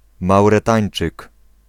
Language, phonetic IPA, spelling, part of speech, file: Polish, [ˌmawrɛˈtãj̃n͇t͡ʃɨk], Mauretańczyk, noun, Pl-Mauretańczyk.ogg